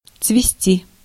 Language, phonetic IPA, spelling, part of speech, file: Russian, [t͡svʲɪˈsʲtʲi], цвести, verb, Ru-цвести.ogg
- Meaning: 1. to bloom, to blossom, to flower 2. to flourish, to prosper 3. water to become overgrown, to be covered with duckweed/mold